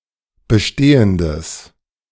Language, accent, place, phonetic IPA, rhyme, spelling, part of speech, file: German, Germany, Berlin, [bəˈʃteːəndəs], -eːəndəs, bestehendes, adjective, De-bestehendes.ogg
- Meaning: strong/mixed nominative/accusative neuter singular of bestehend